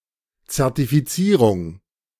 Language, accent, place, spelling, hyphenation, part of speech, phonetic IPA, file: German, Germany, Berlin, Zertifizierung, Zer‧ti‧fi‧zie‧rung, noun, [t͡sɛʁtifiˈt͡siːʁʊŋ], De-Zertifizierung.ogg
- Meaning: certification